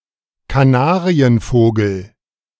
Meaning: canary (bird)
- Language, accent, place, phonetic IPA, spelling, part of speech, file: German, Germany, Berlin, [kaˈnaːʁiənˌfoːɡl̩], Kanarienvogel, noun, De-Kanarienvogel.ogg